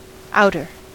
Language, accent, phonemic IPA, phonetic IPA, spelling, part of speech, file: English, US, /ˈaʊtɚ/, [ˈaʊɾɚ], outer, adjective / noun, En-us-outer.ogg
- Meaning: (adjective) 1. Outside; external 2. Farther from the centre of the inside; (noun) 1. An outer part 2. An uncovered section of the seating at a stadium or sportsground